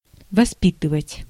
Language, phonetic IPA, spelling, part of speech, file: Russian, [vɐˈspʲitɨvətʲ], воспитывать, verb, Ru-воспитывать.ogg
- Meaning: 1. to bring up, to rear, to educate 2. to educate, to train (someone to be someone) 3. to foster, to cultivate